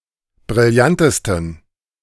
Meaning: 1. superlative degree of brillant 2. inflection of brillant: strong genitive masculine/neuter singular superlative degree
- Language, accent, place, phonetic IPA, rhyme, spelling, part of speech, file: German, Germany, Berlin, [bʁɪlˈjantəstn̩], -antəstn̩, brillantesten, adjective, De-brillantesten.ogg